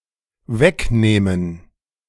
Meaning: to take away from, to remove from
- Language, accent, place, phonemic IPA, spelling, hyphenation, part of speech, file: German, Germany, Berlin, /ˈvɛkˌneːmən/, wegnehmen, weg‧neh‧men, verb, De-wegnehmen.ogg